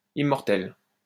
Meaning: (adjective) feminine singular of immortel; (noun) 1. immortelle 2. everlasting flower
- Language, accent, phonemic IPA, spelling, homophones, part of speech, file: French, France, /i.mɔʁ.tɛl/, immortelle, immortel / immortelles / immortels, adjective / noun, LL-Q150 (fra)-immortelle.wav